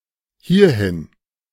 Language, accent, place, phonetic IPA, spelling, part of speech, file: German, Germany, Berlin, [ˈhiːɐ̯hɪn], hierhin, adverb, De-hierhin.ogg
- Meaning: to here (to this place)